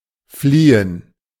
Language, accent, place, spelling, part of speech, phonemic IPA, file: German, Germany, Berlin, fliehen, verb, /ˈfliː.ən/, De-fliehen.ogg
- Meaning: 1. to flee; to escape 2. to fly 3. to diverge 4. to flee from (someone); to avoid